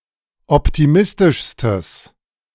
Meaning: strong/mixed nominative/accusative neuter singular superlative degree of optimistisch
- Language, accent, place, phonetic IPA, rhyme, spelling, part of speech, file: German, Germany, Berlin, [ˌɔptiˈmɪstɪʃstəs], -ɪstɪʃstəs, optimistischstes, adjective, De-optimistischstes.ogg